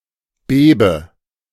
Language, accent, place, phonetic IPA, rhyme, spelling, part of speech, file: German, Germany, Berlin, [ˈbeːbə], -eːbə, bebe, verb, De-bebe.ogg
- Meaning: inflection of beben: 1. first-person singular present 2. first/third-person singular subjunctive I 3. singular imperative